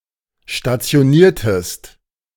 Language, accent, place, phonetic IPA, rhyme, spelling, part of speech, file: German, Germany, Berlin, [ʃtat͡si̯oˈniːɐ̯təst], -iːɐ̯təst, stationiertest, verb, De-stationiertest.ogg
- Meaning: inflection of stationieren: 1. second-person singular preterite 2. second-person singular subjunctive II